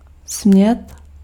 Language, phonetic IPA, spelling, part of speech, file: Czech, [ˈsm̩ɲɛt], smět, verb, Cs-smět.ogg
- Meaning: to be allowed; may